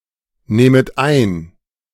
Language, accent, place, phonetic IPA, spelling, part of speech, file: German, Germany, Berlin, [ˌnɛːmət ˈaɪ̯n], nähmet ein, verb, De-nähmet ein.ogg
- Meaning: second-person plural subjunctive II of einnehmen